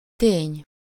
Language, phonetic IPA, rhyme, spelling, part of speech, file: Hungarian, [ˈteːɲ], -eːɲ, tény, noun, Hu-tény.ogg
- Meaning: fact